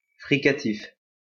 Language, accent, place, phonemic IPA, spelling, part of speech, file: French, France, Lyon, /fʁi.ka.tif/, fricatif, adjective, LL-Q150 (fra)-fricatif.wav
- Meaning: fricative